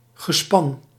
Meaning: 1. a span, a team (pair or larger team of draught animals) 2. the firmament 3. a group, fellowship, party, band
- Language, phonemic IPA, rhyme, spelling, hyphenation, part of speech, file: Dutch, /ɣəˈspɑn/, -ɑn, gespan, ge‧span, noun, Nl-gespan.ogg